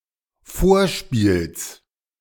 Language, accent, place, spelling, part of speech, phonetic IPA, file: German, Germany, Berlin, Vorspiels, noun, [ˈfoːɐ̯ˌʃpiːls], De-Vorspiels.ogg
- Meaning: genitive singular of Vorspiel